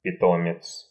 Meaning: 1. alumnus, former student 2. pet (in relation to a carer)
- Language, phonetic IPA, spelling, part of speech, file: Russian, [pʲɪˈtomʲɪt͡s], питомец, noun, Ru-питомец.ogg